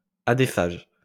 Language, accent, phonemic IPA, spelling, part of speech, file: French, France, /a.de.faʒ/, adéphage, adjective, LL-Q150 (fra)-adéphage.wav
- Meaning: adephagous